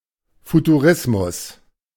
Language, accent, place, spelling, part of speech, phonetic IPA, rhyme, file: German, Germany, Berlin, Futurismus, noun, [futuˈʁɪsmʊs], -ɪsmʊs, De-Futurismus.ogg
- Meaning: futurism